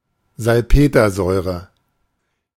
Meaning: nitric acid
- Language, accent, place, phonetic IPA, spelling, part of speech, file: German, Germany, Berlin, [zalˈpeːtɐˌzɔɪ̯ʁə], Salpetersäure, noun, De-Salpetersäure.ogg